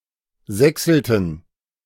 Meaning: inflection of sächseln: 1. first/third-person plural preterite 2. first/third-person plural subjunctive II
- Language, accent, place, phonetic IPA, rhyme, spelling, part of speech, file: German, Germany, Berlin, [ˈzɛksl̩tn̩], -ɛksl̩tn̩, sächselten, verb, De-sächselten.ogg